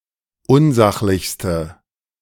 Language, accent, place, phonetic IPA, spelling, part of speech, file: German, Germany, Berlin, [ˈʊnˌzaxlɪçstə], unsachlichste, adjective, De-unsachlichste.ogg
- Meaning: inflection of unsachlich: 1. strong/mixed nominative/accusative feminine singular superlative degree 2. strong nominative/accusative plural superlative degree